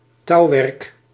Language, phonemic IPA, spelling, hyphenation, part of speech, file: Dutch, /ˈtɑu̯.ʋɛrk/, touwwerk, touw‧werk, noun, Nl-touwwerk.ogg
- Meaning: cordage, such as in a ship's rigging